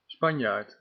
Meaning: a Spaniard, person belonging to or descended from the (Romance) people of Spain
- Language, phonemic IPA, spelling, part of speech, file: Dutch, /ˈspɑn.jaːrt/, Spanjaard, noun, Nl-Spanjaard.ogg